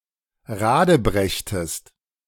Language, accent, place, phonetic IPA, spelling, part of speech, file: German, Germany, Berlin, [ˈʁaːdəˌbʁɛçtəst], radebrechtest, verb, De-radebrechtest.ogg
- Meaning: inflection of radebrechen: 1. second-person singular preterite 2. second-person singular subjunctive II